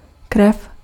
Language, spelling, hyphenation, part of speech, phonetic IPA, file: Czech, krev, krev, noun, [ˈkrɛf], Cs-krev.ogg
- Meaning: blood